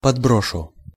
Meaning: first-person singular future indicative perfective of подбро́сить (podbrósitʹ)
- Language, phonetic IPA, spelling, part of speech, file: Russian, [pɐdˈbroʂʊ], подброшу, verb, Ru-подброшу.ogg